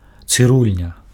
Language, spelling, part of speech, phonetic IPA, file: Belarusian, цырульня, noun, [t͡sɨˈrulʲnʲa], Be-цырульня.ogg
- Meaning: hair salon, barbershop